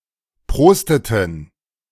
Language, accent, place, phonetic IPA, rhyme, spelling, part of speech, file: German, Germany, Berlin, [ˈpʁoːstətn̩], -oːstətn̩, prosteten, verb, De-prosteten.ogg
- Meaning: inflection of prosten: 1. first/third-person plural preterite 2. first/third-person plural subjunctive II